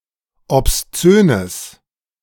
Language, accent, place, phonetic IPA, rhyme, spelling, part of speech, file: German, Germany, Berlin, [ɔpsˈt͡søːnəs], -øːnəs, obszönes, adjective, De-obszönes.ogg
- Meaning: strong/mixed nominative/accusative neuter singular of obszön